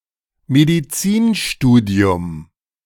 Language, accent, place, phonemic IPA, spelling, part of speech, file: German, Germany, Berlin, /mediˈt͡siːnˌʃtuːdi̯ʊm/, Medizinstudium, noun, De-Medizinstudium.ogg
- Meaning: medicine studies, medical education